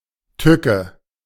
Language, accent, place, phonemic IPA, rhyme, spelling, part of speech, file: German, Germany, Berlin, /ˈtʏkə/, -ʏkə, Tücke, noun, De-Tücke.ogg
- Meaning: 1. malice, spite, deceit, guile, trickery 2. pitfall, danger